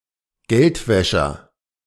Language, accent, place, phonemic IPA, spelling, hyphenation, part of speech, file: German, Germany, Berlin, /ˈɡɛltvɛʃɐ/, Geldwäscher, Geld‧wä‧scher, noun, De-Geldwäscher.ogg
- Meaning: money launderer